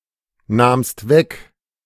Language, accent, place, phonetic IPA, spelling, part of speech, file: German, Germany, Berlin, [ˌnaːmst ˈvɛk], nahmst weg, verb, De-nahmst weg.ogg
- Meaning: second-person singular preterite of wegnehmen